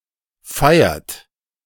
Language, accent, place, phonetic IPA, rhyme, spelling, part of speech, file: German, Germany, Berlin, [ˈfaɪ̯ɐt], -aɪ̯ɐt, feiert, verb, De-feiert.ogg
- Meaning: inflection of feiern: 1. third-person singular present 2. second-person plural present 3. plural imperative